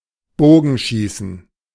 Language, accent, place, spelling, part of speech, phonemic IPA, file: German, Germany, Berlin, Bogenschießen, noun, /ˈboːɡn̩ˌʃiːsn̩/, De-Bogenschießen.ogg
- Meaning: The practice and discipline of archery